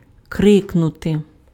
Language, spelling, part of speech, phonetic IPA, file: Ukrainian, крикнути, verb, [ˈkrɪknʊte], Uk-крикнути.ogg
- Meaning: to cry out, to shout, to scream